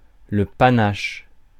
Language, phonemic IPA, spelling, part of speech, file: French, /pa.naʃ/, panache, noun, Fr-panache.ogg
- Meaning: 1. panache 2. the bulk of antlers of deer and moose 3. column or plume of smoke (cloud of smoke)